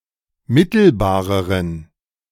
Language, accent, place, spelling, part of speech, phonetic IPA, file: German, Germany, Berlin, mittelbareren, adjective, [ˈmɪtl̩baːʁəʁən], De-mittelbareren.ogg
- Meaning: inflection of mittelbar: 1. strong genitive masculine/neuter singular comparative degree 2. weak/mixed genitive/dative all-gender singular comparative degree